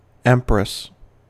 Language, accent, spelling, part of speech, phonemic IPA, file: English, US, empress, noun, /ˈɛmpɹəs/, En-us-empress.ogg
- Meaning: 1. The female monarch (ruler) of an empire 2. The wife or widow of an emperor or equated ruler 3. The third trump or major arcana card of most tarot decks 4. A female chimpanzee